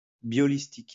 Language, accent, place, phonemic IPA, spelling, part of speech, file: French, France, Lyon, /bjɔ.lis.tik/, biolistique, adjective / noun, LL-Q150 (fra)-biolistique.wav
- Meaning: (adjective) biolistic; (noun) biolistics